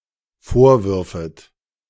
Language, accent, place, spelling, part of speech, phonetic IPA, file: German, Germany, Berlin, vorwürfet, verb, [ˈfoːɐ̯ˌvʏʁfət], De-vorwürfet.ogg
- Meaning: second-person plural dependent subjunctive II of vorwerfen